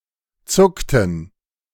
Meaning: inflection of zucken: 1. first/third-person plural preterite 2. first/third-person plural subjunctive II
- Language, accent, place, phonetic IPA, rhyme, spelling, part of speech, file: German, Germany, Berlin, [ˈt͡sʊktn̩], -ʊktn̩, zuckten, verb, De-zuckten.ogg